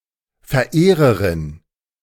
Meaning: female equivalent of Verehrer
- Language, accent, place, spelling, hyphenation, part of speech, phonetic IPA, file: German, Germany, Berlin, Verehrerin, Ver‧eh‧re‧rin, noun, [fɛɐ̯ˈʔeːʁəʁɪn], De-Verehrerin.ogg